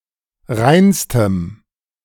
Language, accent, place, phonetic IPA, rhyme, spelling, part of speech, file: German, Germany, Berlin, [ˈʁaɪ̯nstəm], -aɪ̯nstəm, reinstem, adjective, De-reinstem.ogg
- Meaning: strong dative masculine/neuter singular superlative degree of rein